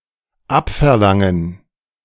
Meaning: to demand
- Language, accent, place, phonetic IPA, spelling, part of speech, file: German, Germany, Berlin, [ˈapfɛɐ̯ˌlaŋən], abverlangen, verb, De-abverlangen.ogg